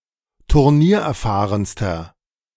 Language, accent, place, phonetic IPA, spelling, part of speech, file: German, Germany, Berlin, [tʊʁˈniːɐ̯ʔɛɐ̯ˌfaːʁənstɐ], turniererfahrenster, adjective, De-turniererfahrenster.ogg
- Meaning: inflection of turniererfahren: 1. strong/mixed nominative masculine singular superlative degree 2. strong genitive/dative feminine singular superlative degree